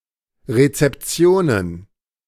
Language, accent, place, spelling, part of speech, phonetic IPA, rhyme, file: German, Germany, Berlin, Rezeptionen, noun, [ˌʁet͡sɛpˈt͡si̯oːnən], -oːnən, De-Rezeptionen.ogg
- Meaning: plural of Rezeption